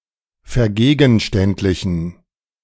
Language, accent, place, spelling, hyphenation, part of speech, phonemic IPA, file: German, Germany, Berlin, vergegenständlichen, ver‧ge‧gen‧ständ‧li‧chen, verb, /fɛɐ̯ˈɡeːɡn̩ʃtɛntlɪçn̩/, De-vergegenständlichen.ogg
- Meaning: to concretize, reify